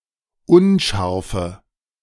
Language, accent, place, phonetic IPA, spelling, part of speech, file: German, Germany, Berlin, [ˈʊnˌʃaʁfə], unscharfe, adjective, De-unscharfe.ogg
- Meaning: inflection of unscharf: 1. strong/mixed nominative/accusative feminine singular 2. strong nominative/accusative plural 3. weak nominative all-gender singular